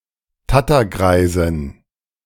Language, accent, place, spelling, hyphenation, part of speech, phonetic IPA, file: German, Germany, Berlin, Tattergreisin, Tat‧ter‧grei‧sin, noun, [ˈtatɐˌɡʁaɪ̯zɪn], De-Tattergreisin.ogg
- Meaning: female equivalent of Tattergreis